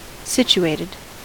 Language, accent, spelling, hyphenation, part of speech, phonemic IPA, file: English, US, situated, sit‧u‧at‧ed, adjective / verb, /ˈsɪt͡ʃueɪtɪd/, En-us-situated.ogg
- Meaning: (adjective) 1. Located in a specific place 2. Supplied with money or means 3. Embedded or rooted within a culture; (verb) simple past and past participle of situate